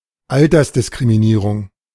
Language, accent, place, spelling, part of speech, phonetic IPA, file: German, Germany, Berlin, Altersdiskriminierung, noun, [ˈaltɐsdɪskʁimiˌniːʁʊŋ], De-Altersdiskriminierung.ogg
- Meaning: ageism (the treating of a person or people differently from others based on assumptions or stereotypes relating to their age)